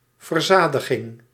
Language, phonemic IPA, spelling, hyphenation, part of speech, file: Dutch, /vərˈzaː.də.ɣɪŋ/, verzadiging, ver‧za‧di‧ging, noun, Nl-verzadiging.ogg
- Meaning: 1. saturation 2. satiety